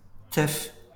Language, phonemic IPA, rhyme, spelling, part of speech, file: French, /tœf/, -œf, teuf, noun, LL-Q150 (fra)-teuf.wav
- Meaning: party, do